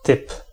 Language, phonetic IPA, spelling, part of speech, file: Polish, [tɨp], typ, noun, Pl-typ.ogg